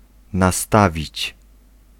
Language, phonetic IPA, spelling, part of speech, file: Polish, [naˈstavʲit͡ɕ], nastawić, verb, Pl-nastawić.ogg